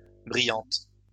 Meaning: feminine plural of brillant
- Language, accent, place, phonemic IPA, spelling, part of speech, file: French, France, Lyon, /bʁi.jɑ̃t/, brillantes, adjective, LL-Q150 (fra)-brillantes.wav